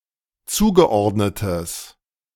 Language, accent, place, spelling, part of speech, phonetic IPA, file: German, Germany, Berlin, zugeordnetes, adjective, [ˈt͡suːɡəˌʔɔʁdnətəs], De-zugeordnetes.ogg
- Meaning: strong/mixed nominative/accusative neuter singular of zugeordnet